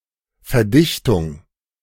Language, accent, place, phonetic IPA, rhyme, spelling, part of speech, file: German, Germany, Berlin, [fɛɐ̯ˈdɪçtʊŋ], -ɪçtʊŋ, Verdichtung, noun, De-Verdichtung.ogg
- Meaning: compression, compaction, consolidation, packing